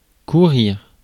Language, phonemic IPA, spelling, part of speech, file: French, /ku.ʁiʁ/, courir, verb, Fr-courir.ogg
- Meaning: 1. to run 2. to hurry; to rush 3. to go